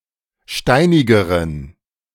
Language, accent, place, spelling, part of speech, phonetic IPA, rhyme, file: German, Germany, Berlin, steinigeren, adjective, [ˈʃtaɪ̯nɪɡəʁən], -aɪ̯nɪɡəʁən, De-steinigeren.ogg
- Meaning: inflection of steinig: 1. strong genitive masculine/neuter singular comparative degree 2. weak/mixed genitive/dative all-gender singular comparative degree